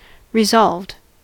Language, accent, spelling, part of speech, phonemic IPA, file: English, US, resolved, verb / adjective, /ɹɪˈzɑlvd/, En-us-resolved.ogg
- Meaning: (verb) simple past and past participle of resolve; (adjective) Determined; fixed in one's purpose